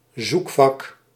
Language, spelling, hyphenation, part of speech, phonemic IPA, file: Dutch, zoekvak, zoek‧vak, noun, /ˈzuk.fɑk/, Nl-zoekvak.ogg
- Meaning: search box, search field